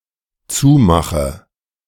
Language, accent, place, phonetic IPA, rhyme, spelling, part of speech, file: German, Germany, Berlin, [ˈt͡suːˌmaxə], -uːmaxə, zumache, verb, De-zumache.ogg
- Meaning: inflection of zumachen: 1. first-person singular dependent present 2. first/third-person singular dependent subjunctive I